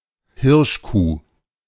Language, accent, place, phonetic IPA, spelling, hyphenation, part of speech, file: German, Germany, Berlin, [ˈhɪʁʃˌkuː], Hirschkuh, Hirsch‧kuh, noun, De-Hirschkuh.ogg
- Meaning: doe, hind